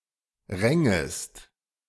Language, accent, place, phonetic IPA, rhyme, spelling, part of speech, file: German, Germany, Berlin, [ˈʁɛŋəst], -ɛŋəst, rängest, verb, De-rängest.ogg
- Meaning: second-person singular subjunctive II of ringen